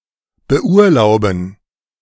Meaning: to give (someone) leave
- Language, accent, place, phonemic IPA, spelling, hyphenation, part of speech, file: German, Germany, Berlin, /bəˈʔuːɐ̯ˌlaʊ̯bn̩/, beurlauben, be‧ur‧lau‧ben, verb, De-beurlauben.ogg